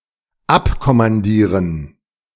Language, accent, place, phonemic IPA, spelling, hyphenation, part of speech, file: German, Germany, Berlin, /ˈapkɔmanˌdiːʁən/, abkommandieren, ab‧kom‧man‧die‧ren, verb, De-abkommandieren.ogg
- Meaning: to detach